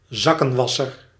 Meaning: fool, oaf, tool
- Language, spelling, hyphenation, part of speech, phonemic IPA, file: Dutch, zakkenwasser, zak‧ken‧was‧ser, noun, /ˈzɑ.kə(n)ˌʋɑ.sər/, Nl-zakkenwasser.ogg